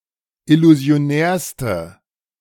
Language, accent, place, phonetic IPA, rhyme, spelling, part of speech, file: German, Germany, Berlin, [ɪluzi̯oˈnɛːɐ̯stə], -ɛːɐ̯stə, illusionärste, adjective, De-illusionärste.ogg
- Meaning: inflection of illusionär: 1. strong/mixed nominative/accusative feminine singular superlative degree 2. strong nominative/accusative plural superlative degree